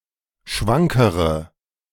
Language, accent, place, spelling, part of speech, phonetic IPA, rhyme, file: German, Germany, Berlin, schwankere, adjective, [ˈʃvaŋkəʁə], -aŋkəʁə, De-schwankere.ogg
- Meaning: inflection of schwank: 1. strong/mixed nominative/accusative feminine singular comparative degree 2. strong nominative/accusative plural comparative degree